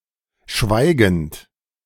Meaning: present participle of schweigen
- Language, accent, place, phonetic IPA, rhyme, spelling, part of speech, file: German, Germany, Berlin, [ˈʃvaɪ̯ɡn̩t], -aɪ̯ɡn̩t, schweigend, verb, De-schweigend.ogg